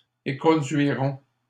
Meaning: third-person plural simple future of éconduire
- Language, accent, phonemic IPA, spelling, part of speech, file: French, Canada, /e.kɔ̃.dɥi.ʁɔ̃/, éconduiront, verb, LL-Q150 (fra)-éconduiront.wav